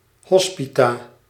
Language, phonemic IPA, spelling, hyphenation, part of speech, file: Dutch, /ˈɦɔs.pi.taː/, hospita, hos‧pi‧ta, noun, Nl-hospita.ogg
- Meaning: landlady